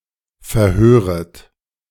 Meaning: second-person plural subjunctive I of verhören
- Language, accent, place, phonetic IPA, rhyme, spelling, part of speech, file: German, Germany, Berlin, [fɛɐ̯ˈhøːʁət], -øːʁət, verhöret, verb, De-verhöret.ogg